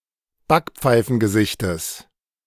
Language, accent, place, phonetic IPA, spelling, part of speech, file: German, Germany, Berlin, [ˈbakp͡faɪ̯fn̩ɡəˌzɪçtəs], Backpfeifengesichtes, noun, De-Backpfeifengesichtes.ogg
- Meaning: genitive singular of Backpfeifengesicht